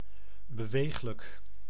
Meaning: mobile
- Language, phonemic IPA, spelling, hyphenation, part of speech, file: Dutch, /bəˈʋeːx.lək/, beweeglijk, be‧weeg‧lijk, adjective, Nl-beweeglijk.ogg